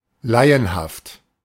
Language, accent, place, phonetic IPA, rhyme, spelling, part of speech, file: German, Germany, Berlin, [ˈlaɪ̯ənhaft], -aɪ̯ənhaft, laienhaft, adjective, De-laienhaft.ogg
- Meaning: amateurish